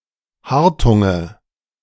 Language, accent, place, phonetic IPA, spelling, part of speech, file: German, Germany, Berlin, [ˈhaʁtʊŋə], Hartunge, noun, De-Hartunge.ogg
- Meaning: nominative/accusative/genitive plural of Hartung